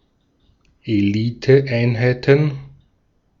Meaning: plural of Eliteeinheit
- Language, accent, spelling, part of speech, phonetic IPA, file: German, Austria, Eliteeinheiten, noun, [eˈliːtəˌʔaɪ̯nhaɪ̯tn̩], De-at-Eliteeinheiten.ogg